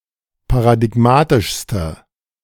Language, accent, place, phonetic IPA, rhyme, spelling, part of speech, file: German, Germany, Berlin, [paʁadɪˈɡmaːtɪʃstə], -aːtɪʃstə, paradigmatischste, adjective, De-paradigmatischste.ogg
- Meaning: inflection of paradigmatisch: 1. strong/mixed nominative/accusative feminine singular superlative degree 2. strong nominative/accusative plural superlative degree